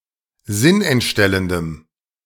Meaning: strong dative masculine/neuter singular of sinnentstellend
- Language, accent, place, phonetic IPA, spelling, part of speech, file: German, Germany, Berlin, [ˈzɪnʔɛntˌʃtɛləndəm], sinnentstellendem, adjective, De-sinnentstellendem.ogg